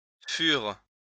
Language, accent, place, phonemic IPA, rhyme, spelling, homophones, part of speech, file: French, France, Lyon, /fyʁ/, -yʁ, furent, fur, verb, LL-Q150 (fra)-furent.wav
- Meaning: third-person plural past historic of être